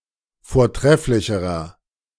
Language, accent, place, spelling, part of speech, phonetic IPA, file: German, Germany, Berlin, vortrefflicherer, adjective, [foːɐ̯ˈtʁɛflɪçəʁɐ], De-vortrefflicherer.ogg
- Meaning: inflection of vortrefflich: 1. strong/mixed nominative masculine singular comparative degree 2. strong genitive/dative feminine singular comparative degree 3. strong genitive plural comparative degree